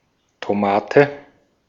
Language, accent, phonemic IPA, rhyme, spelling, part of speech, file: German, Austria, /toˈmaːtə/, -aːtə, Tomate, noun, De-at-Tomate.ogg
- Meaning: tomato (plant, fruit of this plant)